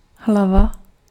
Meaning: 1. head (part of the body) 2. head (end of a nail) 3. head (side of a coin) 4. chapter (section of a text)
- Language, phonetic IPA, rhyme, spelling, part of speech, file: Czech, [ˈɦlava], -ava, hlava, noun, Cs-hlava.ogg